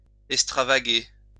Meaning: to go, wander, extravagate
- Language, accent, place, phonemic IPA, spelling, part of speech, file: French, France, Lyon, /ɛk.stʁa.va.ɡe/, extravaguer, verb, LL-Q150 (fra)-extravaguer.wav